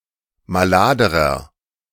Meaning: inflection of malad: 1. strong/mixed nominative masculine singular comparative degree 2. strong genitive/dative feminine singular comparative degree 3. strong genitive plural comparative degree
- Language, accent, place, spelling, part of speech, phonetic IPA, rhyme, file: German, Germany, Berlin, maladerer, adjective, [maˈlaːdəʁɐ], -aːdəʁɐ, De-maladerer.ogg